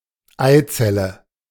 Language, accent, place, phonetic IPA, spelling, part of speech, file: German, Germany, Berlin, [ˈaɪ̯ˌt͡sɛlə], Eizelle, noun, De-Eizelle.ogg
- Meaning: ovum